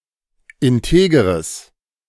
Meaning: strong/mixed nominative/accusative neuter singular of integer
- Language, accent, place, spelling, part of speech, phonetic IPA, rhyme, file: German, Germany, Berlin, integeres, adjective, [ɪnˈteːɡəʁəs], -eːɡəʁəs, De-integeres.ogg